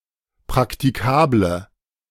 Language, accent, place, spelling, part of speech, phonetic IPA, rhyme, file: German, Germany, Berlin, praktikable, adjective, [pʁaktiˈkaːblə], -aːblə, De-praktikable.ogg
- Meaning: inflection of praktikabel: 1. strong/mixed nominative/accusative feminine singular 2. strong nominative/accusative plural 3. weak nominative all-gender singular